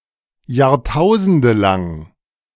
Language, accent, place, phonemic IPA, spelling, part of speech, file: German, Germany, Berlin, /jaːʁˈtaʊ̯zəndəlaŋ/, jahrtausendelang, adjective, De-jahrtausendelang.ogg
- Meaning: millennium-long